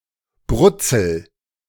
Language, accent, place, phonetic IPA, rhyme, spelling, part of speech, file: German, Germany, Berlin, [ˈbʁʊt͡sl̩], -ʊt͡sl̩, brutzel, verb, De-brutzel.ogg
- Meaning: inflection of brutzeln: 1. first-person singular present 2. singular imperative